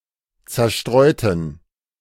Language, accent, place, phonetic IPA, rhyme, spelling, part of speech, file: German, Germany, Berlin, [t͡sɛɐ̯ˈʃtʁɔɪ̯tn̩], -ɔɪ̯tn̩, zerstreuten, adjective, De-zerstreuten.ogg
- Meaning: inflection of zerstreuen: 1. first/third-person plural preterite 2. first/third-person plural subjunctive II